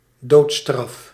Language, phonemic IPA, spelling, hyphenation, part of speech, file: Dutch, /ˈdoːt.strɑf/, doodstraf, dood‧straf, noun, Nl-doodstraf.ogg
- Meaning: death sentence, capital punishment